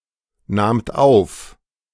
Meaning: second-person plural preterite of aufnehmen
- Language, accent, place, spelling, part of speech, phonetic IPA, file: German, Germany, Berlin, nahmt auf, verb, [ˌnaːmt ˈaʊ̯f], De-nahmt auf.ogg